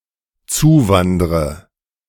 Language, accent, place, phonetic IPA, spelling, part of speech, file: German, Germany, Berlin, [ˈt͡suːˌvandʁə], zuwandre, verb, De-zuwandre.ogg
- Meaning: inflection of zuwandern: 1. first-person singular dependent present 2. first/third-person singular dependent subjunctive I